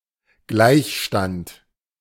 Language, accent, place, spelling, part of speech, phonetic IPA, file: German, Germany, Berlin, Gleichstand, noun, [ˈɡlaɪ̯çˌʃtant], De-Gleichstand.ogg
- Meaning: 1. tie 2. equilibrium